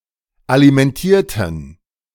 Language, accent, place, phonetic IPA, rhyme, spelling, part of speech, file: German, Germany, Berlin, [alimɛnˈtiːɐ̯tn̩], -iːɐ̯tn̩, alimentierten, adjective / verb, De-alimentierten.ogg
- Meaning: inflection of alimentieren: 1. first/third-person plural preterite 2. first/third-person plural subjunctive II